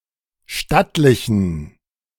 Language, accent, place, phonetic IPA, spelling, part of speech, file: German, Germany, Berlin, [ˈʃtatlɪçn̩], stattlichen, adjective, De-stattlichen.ogg
- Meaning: inflection of stattlich: 1. strong genitive masculine/neuter singular 2. weak/mixed genitive/dative all-gender singular 3. strong/weak/mixed accusative masculine singular 4. strong dative plural